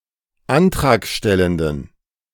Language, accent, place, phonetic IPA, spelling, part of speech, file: German, Germany, Berlin, [ˈantʁaːkˌʃtɛləndn̩], antragstellenden, adjective, De-antragstellenden.ogg
- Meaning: inflection of antragstellend: 1. strong genitive masculine/neuter singular 2. weak/mixed genitive/dative all-gender singular 3. strong/weak/mixed accusative masculine singular 4. strong dative plural